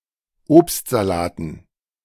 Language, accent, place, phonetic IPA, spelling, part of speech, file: German, Germany, Berlin, [ˈoːpstzaˌlaːtn̩], Obstsalaten, noun, De-Obstsalaten.ogg
- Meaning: dative plural of Obstsalat